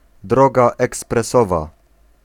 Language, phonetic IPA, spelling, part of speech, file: Polish, [ˈdrɔɡa ˌɛksprɛˈsɔva], droga ekspresowa, noun, Pl-droga ekspresowa.ogg